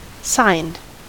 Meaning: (adjective) 1. Having a signature; endorsed 2. Having both positive and negative varieties 3. Furnished with signs and signposts; signposted; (verb) simple past and past participle of sign
- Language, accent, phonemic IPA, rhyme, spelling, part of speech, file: English, US, /saɪnd/, -aɪnd, signed, adjective / verb, En-us-signed.ogg